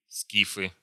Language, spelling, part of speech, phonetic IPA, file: Russian, скифы, noun, [ˈskʲifɨ], Ru-скифы.ogg
- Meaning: nominative plural of скиф (skif)